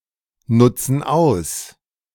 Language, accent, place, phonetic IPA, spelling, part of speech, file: German, Germany, Berlin, [ˌnʊt͡sn̩ ˈaʊ̯s], nutzen aus, verb, De-nutzen aus.ogg
- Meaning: inflection of ausnutzen: 1. first/third-person plural present 2. first/third-person plural subjunctive I